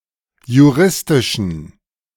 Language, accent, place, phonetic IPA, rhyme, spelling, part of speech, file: German, Germany, Berlin, [juˈʁɪstɪʃn̩], -ɪstɪʃn̩, juristischen, adjective, De-juristischen.ogg
- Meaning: inflection of juristisch: 1. strong genitive masculine/neuter singular 2. weak/mixed genitive/dative all-gender singular 3. strong/weak/mixed accusative masculine singular 4. strong dative plural